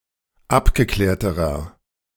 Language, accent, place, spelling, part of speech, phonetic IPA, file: German, Germany, Berlin, abgeklärterer, adjective, [ˈapɡəˌklɛːɐ̯təʁɐ], De-abgeklärterer.ogg
- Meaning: inflection of abgeklärt: 1. strong/mixed nominative masculine singular comparative degree 2. strong genitive/dative feminine singular comparative degree 3. strong genitive plural comparative degree